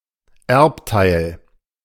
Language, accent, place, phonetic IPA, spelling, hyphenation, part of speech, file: German, Germany, Berlin, [ˈɛʁptaɪ̯l], Erbteil, Erb‧teil, noun, De-Erbteil.ogg
- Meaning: part of an inheritance